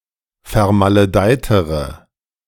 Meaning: inflection of vermaledeit: 1. strong/mixed nominative/accusative feminine singular comparative degree 2. strong nominative/accusative plural comparative degree
- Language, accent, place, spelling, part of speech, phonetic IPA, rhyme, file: German, Germany, Berlin, vermaledeitere, adjective, [fɛɐ̯maləˈdaɪ̯təʁə], -aɪ̯təʁə, De-vermaledeitere.ogg